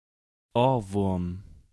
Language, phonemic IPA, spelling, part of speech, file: German, /ˈoːrˌvʊrm/, Ohrwurm, noun, De-Ohrwurm.ogg
- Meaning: 1. earwig (any insect of the order Dermaptera) 2. earworm (a tune that pops up in one's memory all of the time)